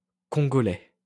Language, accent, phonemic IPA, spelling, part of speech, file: French, France, /kɔ̃.ɡɔ.lɛ/, congolais, adjective / noun, LL-Q150 (fra)-congolais.wav
- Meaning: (adjective) of Congo; Congolese; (noun) Pastry made with coconut and sugar